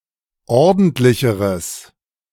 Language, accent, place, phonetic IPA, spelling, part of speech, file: German, Germany, Berlin, [ˈɔʁdn̩tlɪçəʁəs], ordentlicheres, adjective, De-ordentlicheres.ogg
- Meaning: strong/mixed nominative/accusative neuter singular comparative degree of ordentlich